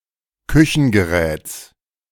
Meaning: genitive singular of Küchengerät
- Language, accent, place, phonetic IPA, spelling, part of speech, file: German, Germany, Berlin, [ˈkʏçn̩ɡəˌʁɛːt͡s], Küchengeräts, noun, De-Küchengeräts.ogg